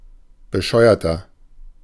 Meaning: 1. comparative degree of bescheuert 2. inflection of bescheuert: strong/mixed nominative masculine singular 3. inflection of bescheuert: strong genitive/dative feminine singular
- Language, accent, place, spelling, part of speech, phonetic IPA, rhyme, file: German, Germany, Berlin, bescheuerter, adjective, [bəˈʃɔɪ̯ɐtɐ], -ɔɪ̯ɐtɐ, De-bescheuerter.ogg